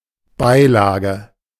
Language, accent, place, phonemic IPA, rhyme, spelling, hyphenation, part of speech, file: German, Germany, Berlin, /ˈbaɪ̯ˌlaːɡə/, -aːɡə, Beilage, Bei‧la‧ge, noun, De-Beilage.ogg
- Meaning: 1. insert (promotional leaflet in a magazine or newspaper) 2. side dish